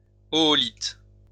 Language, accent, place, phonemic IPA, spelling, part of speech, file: French, France, Lyon, /ɔ.ɔ.lit/, oolithe, noun, LL-Q150 (fra)-oolithe.wav
- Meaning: oolite